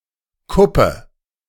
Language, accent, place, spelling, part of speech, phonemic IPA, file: German, Germany, Berlin, Kuppe, noun, /ˈkʊpə/, De-Kuppe.ogg
- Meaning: 1. hilltop 2. tip (of finger) 3. hump (of road etc.) 4. crest (of a hill; of a pigeon)